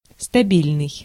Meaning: stable, steady, constant
- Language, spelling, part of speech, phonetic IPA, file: Russian, стабильный, adjective, [stɐˈbʲilʲnɨj], Ru-стабильный.ogg